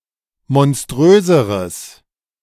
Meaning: strong/mixed nominative/accusative neuter singular comparative degree of monströs
- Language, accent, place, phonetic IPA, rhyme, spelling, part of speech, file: German, Germany, Berlin, [mɔnˈstʁøːzəʁəs], -øːzəʁəs, monströseres, adjective, De-monströseres.ogg